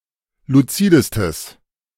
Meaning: strong/mixed nominative/accusative neuter singular superlative degree of luzid
- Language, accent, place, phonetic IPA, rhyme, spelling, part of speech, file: German, Germany, Berlin, [luˈt͡siːdəstəs], -iːdəstəs, luzidestes, adjective, De-luzidestes.ogg